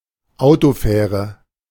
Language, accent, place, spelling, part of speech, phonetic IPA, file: German, Germany, Berlin, Autofähre, noun, [ˈaʊ̯toˌfɛːʁə], De-Autofähre.ogg
- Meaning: car ferry